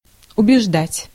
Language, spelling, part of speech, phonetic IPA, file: Russian, убеждать, verb, [ʊbʲɪʐˈdatʲ], Ru-убеждать.ogg
- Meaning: 1. to convince 2. to persuade